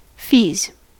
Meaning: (noun) plural of fee; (verb) third-person singular simple present indicative of fee
- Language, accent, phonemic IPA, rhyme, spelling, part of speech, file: English, US, /fiːz/, -iːz, fees, noun / verb, En-us-fees.ogg